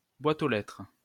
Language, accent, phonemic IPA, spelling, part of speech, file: French, France, /bwa.t‿o lɛtʁ/, boîte aux lettres, noun, LL-Q150 (fra)-boîte aux lettres.wav
- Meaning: mailbox, letterbox (box or slot into which a courier or postal worker puts letters for a recipient to collect)